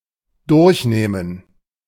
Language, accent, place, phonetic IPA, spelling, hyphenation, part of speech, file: German, Germany, Berlin, [ˈdʊʁçˌneːmən], durchnehmen, durch‧neh‧men, verb, De-durchnehmen.ogg
- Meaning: 1. to cover, to teach about 2. to fuck vigorously, rail